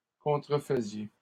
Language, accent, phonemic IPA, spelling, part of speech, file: French, Canada, /kɔ̃.tʁə.fə.zje/, contrefaisiez, verb, LL-Q150 (fra)-contrefaisiez.wav
- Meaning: inflection of contrefaire: 1. second-person plural imperfect indicative 2. second-person plural present subjunctive